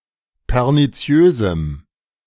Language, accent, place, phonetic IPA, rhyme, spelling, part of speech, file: German, Germany, Berlin, [pɛʁniˈt͡si̯øːzm̩], -øːzm̩, perniziösem, adjective, De-perniziösem.ogg
- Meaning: strong dative masculine/neuter singular of perniziös